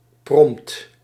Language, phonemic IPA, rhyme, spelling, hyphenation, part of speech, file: Dutch, /prɔmpt/, -ɔmpt, prompt, prompt, adverb / adjective / noun, Nl-prompt.ogg
- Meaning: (adverb) immediately, promptly; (adjective) quick, immediate; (noun) prompt